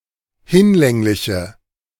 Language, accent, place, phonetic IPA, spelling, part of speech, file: German, Germany, Berlin, [ˈhɪnˌlɛŋlɪçə], hinlängliche, adjective, De-hinlängliche.ogg
- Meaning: inflection of hinlänglich: 1. strong/mixed nominative/accusative feminine singular 2. strong nominative/accusative plural 3. weak nominative all-gender singular